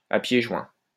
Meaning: 1. with one's feet close together 2. headlong, without hesitation
- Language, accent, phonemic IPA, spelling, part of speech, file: French, France, /a pje ʒwɛ̃/, à pieds joints, adverb, LL-Q150 (fra)-à pieds joints.wav